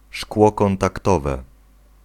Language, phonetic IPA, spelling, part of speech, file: Polish, [ˈʃkwɔ ˌkɔ̃ntakˈtɔvɛ], szkło kontaktowe, noun, Pl-szkło kontaktowe.ogg